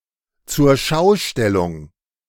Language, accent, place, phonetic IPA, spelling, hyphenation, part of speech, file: German, Germany, Berlin, [tsuːɐ̯ˈʃaʊ̯ˌʃtɛlʊŋ], Zurschaustellung, Zur‧schau‧stel‧lung, noun, De-Zurschaustellung.ogg
- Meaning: display, exhibition